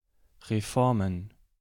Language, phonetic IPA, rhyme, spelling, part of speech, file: German, [ʁeˈfɔʁmən], -ɔʁmən, Reformen, noun, De-Reformen.ogg
- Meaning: plural of Reform